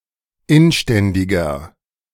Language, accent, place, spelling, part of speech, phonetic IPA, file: German, Germany, Berlin, inständiger, adjective, [ˈɪnˌʃtɛndɪɡɐ], De-inständiger.ogg
- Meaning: 1. comparative degree of inständig 2. inflection of inständig: strong/mixed nominative masculine singular 3. inflection of inständig: strong genitive/dative feminine singular